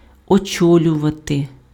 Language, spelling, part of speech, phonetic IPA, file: Ukrainian, очолювати, verb, [ɔˈt͡ʃɔlʲʊʋɐte], Uk-очолювати.ogg
- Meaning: to head (be in command of)